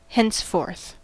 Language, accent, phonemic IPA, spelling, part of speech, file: English, US, /hɛnsˈfɔɹθ/, henceforth, adverb, En-us-henceforth.ogg
- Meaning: 1. From now on; from this time on 2. Further within this document